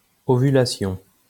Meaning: ovulation
- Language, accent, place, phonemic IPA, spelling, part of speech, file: French, France, Lyon, /ɔ.vy.la.sjɔ̃/, ovulation, noun, LL-Q150 (fra)-ovulation.wav